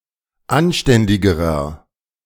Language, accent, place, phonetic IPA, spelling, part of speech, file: German, Germany, Berlin, [ˈanˌʃtɛndɪɡəʁɐ], anständigerer, adjective, De-anständigerer.ogg
- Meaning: inflection of anständig: 1. strong/mixed nominative masculine singular comparative degree 2. strong genitive/dative feminine singular comparative degree 3. strong genitive plural comparative degree